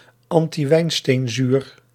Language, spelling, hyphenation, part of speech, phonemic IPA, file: Dutch, antiwijnsteenzuur, an‧ti‧wijn‧steen‧zuur, noun, /ˌɑn.tiˈʋɛi̯n.steːn.zyːr/, Nl-antiwijnsteenzuur.ogg
- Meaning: dextrotartaric acid